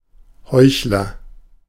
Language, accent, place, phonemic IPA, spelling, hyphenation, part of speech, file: German, Germany, Berlin, /ˈhɔɪ̯çlɐ/, Heuchler, Heuch‧ler, noun, De-Heuchler.ogg
- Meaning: hypocrite (person practising hypocrisy)